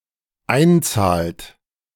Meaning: inflection of einzahlen: 1. third-person singular dependent present 2. second-person plural dependent present
- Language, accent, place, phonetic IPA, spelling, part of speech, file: German, Germany, Berlin, [ˈaɪ̯nˌt͡saːlt], einzahlt, verb, De-einzahlt.ogg